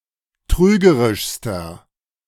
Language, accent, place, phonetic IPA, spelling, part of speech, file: German, Germany, Berlin, [ˈtʁyːɡəʁɪʃstɐ], trügerischster, adjective, De-trügerischster.ogg
- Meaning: inflection of trügerisch: 1. strong/mixed nominative masculine singular superlative degree 2. strong genitive/dative feminine singular superlative degree 3. strong genitive plural superlative degree